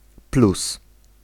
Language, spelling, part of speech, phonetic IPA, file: Polish, plus, noun / adjective / conjunction, [plus], Pl-plus.ogg